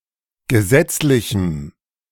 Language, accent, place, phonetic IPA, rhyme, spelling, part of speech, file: German, Germany, Berlin, [ɡəˈzɛt͡slɪçm̩], -ɛt͡slɪçm̩, gesetzlichem, adjective, De-gesetzlichem.ogg
- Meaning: strong dative masculine/neuter singular of gesetzlich